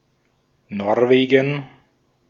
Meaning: Norway (a country in Scandinavia in Northern Europe; capital and largest city: Oslo)
- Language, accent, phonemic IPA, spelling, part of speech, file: German, Austria, /ˈnɔrˌveːɡən/, Norwegen, proper noun, De-at-Norwegen.ogg